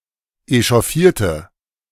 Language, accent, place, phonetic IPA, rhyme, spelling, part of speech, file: German, Germany, Berlin, [eʃɔˈfiːɐ̯tə], -iːɐ̯tə, echauffierte, adjective / verb, De-echauffierte.ogg
- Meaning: inflection of echauffieren: 1. first/third-person singular preterite 2. first/third-person singular subjunctive II